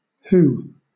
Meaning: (pronoun) 1. she 2. he, also a gender-neutral third person pronoun; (interjection) 1. Expressing joy, excitement, or victory 2. Used to attract the attention of others 3. An exclamation of pain
- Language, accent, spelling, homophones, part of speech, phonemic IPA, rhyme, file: English, Southern England, hoo, who, pronoun / interjection / noun / adverb, /huː/, -uː, LL-Q1860 (eng)-hoo.wav